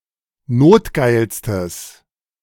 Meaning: strong/mixed nominative/accusative neuter singular superlative degree of notgeil
- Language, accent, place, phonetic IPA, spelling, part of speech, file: German, Germany, Berlin, [ˈnoːtˌɡaɪ̯lstəs], notgeilstes, adjective, De-notgeilstes.ogg